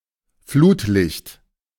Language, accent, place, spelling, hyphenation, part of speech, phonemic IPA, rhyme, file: German, Germany, Berlin, Flutlicht, Flut‧licht, noun, /ˈfluːtˌlɪçt/, -ɪçt, De-Flutlicht.ogg
- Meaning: floodlight